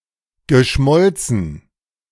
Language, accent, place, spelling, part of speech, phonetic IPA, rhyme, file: German, Germany, Berlin, geschmolzen, adjective / verb, [ɡəˈʃmɔlt͡sn̩], -ɔlt͡sn̩, De-geschmolzen.ogg
- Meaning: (verb) past participle of schmelzen: melted; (adjective) 1. molten 2. melted, liquefied